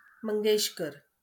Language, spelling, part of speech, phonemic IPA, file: Marathi, मंगेशकर, proper noun, /məŋ.ɡeɕ.kəɾ/, LL-Q1571 (mar)-मंगेशकर.wav
- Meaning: a surname, equivalent to English Mangeshkar